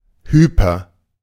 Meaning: hyper-
- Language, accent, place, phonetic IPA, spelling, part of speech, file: German, Germany, Berlin, [ˈhyːpɐ], hyper-, prefix, De-hyper-.ogg